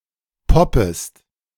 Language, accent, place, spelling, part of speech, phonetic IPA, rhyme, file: German, Germany, Berlin, poppest, verb, [ˈpɔpəst], -ɔpəst, De-poppest.ogg
- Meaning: second-person singular subjunctive I of poppen